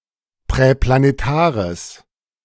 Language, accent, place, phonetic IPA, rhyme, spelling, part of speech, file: German, Germany, Berlin, [pʁɛplaneˈtaːʁəs], -aːʁəs, präplanetares, adjective, De-präplanetares.ogg
- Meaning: strong/mixed nominative/accusative neuter singular of präplanetar